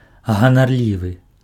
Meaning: vain, arrogant
- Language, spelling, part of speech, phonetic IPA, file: Belarusian, ганарлівы, adjective, [ɣanarˈlʲivɨ], Be-ганарлівы.ogg